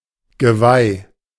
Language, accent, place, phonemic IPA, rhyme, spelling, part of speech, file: German, Germany, Berlin, /ɡəˈvaɪ̯/, -aɪ̯, Geweih, noun, De-Geweih.ogg
- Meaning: antlers, horns (of a deer etc.)